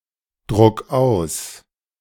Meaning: 1. singular imperative of ausdrucken 2. first-person singular present of ausdrucken
- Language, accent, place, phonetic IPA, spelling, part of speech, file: German, Germany, Berlin, [ˌdʁʊk ˈaʊ̯s], druck aus, verb, De-druck aus.ogg